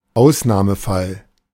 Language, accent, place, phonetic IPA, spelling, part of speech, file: German, Germany, Berlin, [ˈaʊ̯snaːməˌfal], Ausnahmefall, noun, De-Ausnahmefall.ogg
- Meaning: exception (exceptional case)